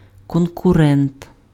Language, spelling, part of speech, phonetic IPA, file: Ukrainian, конкурент, noun, [kɔnkʊˈrɛnt], Uk-конкурент.ogg
- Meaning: competitor, rival